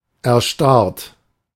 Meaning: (verb) past participle of erstarren; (adjective) 1. congealed, solidified 2. numbed, petrified
- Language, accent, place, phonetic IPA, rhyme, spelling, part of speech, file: German, Germany, Berlin, [ɛɐ̯ˈʃtaʁt], -aʁt, erstarrt, verb, De-erstarrt.ogg